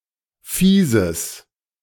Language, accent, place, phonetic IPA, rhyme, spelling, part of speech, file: German, Germany, Berlin, [fiːzəs], -iːzəs, fieses, adjective, De-fieses.ogg
- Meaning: strong/mixed nominative/accusative neuter singular of fies